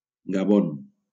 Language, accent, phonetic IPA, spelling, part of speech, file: Catalan, Valencia, [ɡaˈbon], Gabon, proper noun, LL-Q7026 (cat)-Gabon.wav
- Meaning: Gabon (a country in Central Africa)